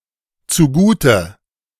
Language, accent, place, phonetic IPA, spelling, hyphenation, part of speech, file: German, Germany, Berlin, [ˌt͡suˈɡuːtə], zugute, zu‧gu‧te, adverb, De-zugute.ogg
- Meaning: indicates something is for the benefit of the dative object of the verb